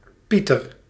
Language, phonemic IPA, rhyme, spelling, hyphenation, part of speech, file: Dutch, /ˈpi.tər/, -itər, Pieter, Pie‧ter, proper noun, Nl-Pieter.ogg
- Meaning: a male given name, equivalent to English Peter